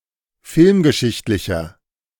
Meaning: inflection of filmgeschichtlich: 1. strong/mixed nominative masculine singular 2. strong genitive/dative feminine singular 3. strong genitive plural
- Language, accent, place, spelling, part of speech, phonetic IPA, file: German, Germany, Berlin, filmgeschichtlicher, adjective, [ˈfɪlmɡəˌʃɪçtlɪçɐ], De-filmgeschichtlicher.ogg